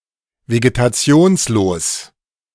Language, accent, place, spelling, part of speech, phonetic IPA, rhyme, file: German, Germany, Berlin, vegetationslos, adjective, [veɡetaˈt͡si̯oːnsloːs], -oːnsloːs, De-vegetationslos.ogg
- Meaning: without vegetation; plantless or vegetationless